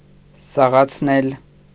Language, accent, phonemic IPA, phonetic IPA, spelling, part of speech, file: Armenian, Eastern Armenian, /sɑʁɑt͡sʰˈnel/, [sɑʁɑt͡sʰnél], սաղացնել, verb, Hy-սաղացնել.ogg
- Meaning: 1. causative of սաղանալ (saġanal) 2. causative of սաղանալ (saġanal): to bring back to life, to revive